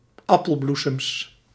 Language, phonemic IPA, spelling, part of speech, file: Dutch, /ˈɑpəlˌblusəms/, appelbloesems, noun, Nl-appelbloesems.ogg
- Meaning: plural of appelbloesem